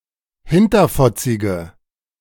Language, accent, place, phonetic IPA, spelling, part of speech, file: German, Germany, Berlin, [ˈhɪntɐfɔt͡sɪɡə], hinterfotzige, adjective, De-hinterfotzige.ogg
- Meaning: inflection of hinterfotzig: 1. strong/mixed nominative/accusative feminine singular 2. strong nominative/accusative plural 3. weak nominative all-gender singular